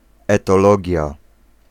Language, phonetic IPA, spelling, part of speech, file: Polish, [ˌɛtɔˈlɔɟja], etologia, noun, Pl-etologia.ogg